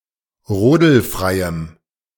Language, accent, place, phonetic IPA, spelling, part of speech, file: German, Germany, Berlin, [ˈʁoːdl̩ˌfʁaɪ̯əm], rodelfreiem, adjective, De-rodelfreiem.ogg
- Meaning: strong dative masculine/neuter singular of rodelfrei